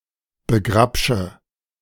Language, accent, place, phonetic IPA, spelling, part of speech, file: German, Germany, Berlin, [bəˈɡʁapʃə], begrapsche, verb, De-begrapsche.ogg
- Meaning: inflection of begrapschen: 1. first-person singular present 2. first/third-person singular subjunctive I 3. singular imperative